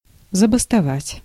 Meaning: to go on strike
- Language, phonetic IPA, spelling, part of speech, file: Russian, [zəbəstɐˈvatʲ], забастовать, verb, Ru-забастовать.ogg